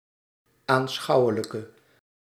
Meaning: inflection of aanschouwelijk: 1. masculine/feminine singular attributive 2. definite neuter singular attributive 3. plural attributive
- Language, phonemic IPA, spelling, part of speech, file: Dutch, /anˈsxɑuwələkə/, aanschouwelijke, adjective, Nl-aanschouwelijke.ogg